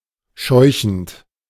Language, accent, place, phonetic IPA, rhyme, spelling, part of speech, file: German, Germany, Berlin, [ˈʃɔɪ̯çn̩t], -ɔɪ̯çn̩t, scheuchend, verb, De-scheuchend.ogg
- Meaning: present participle of scheuchen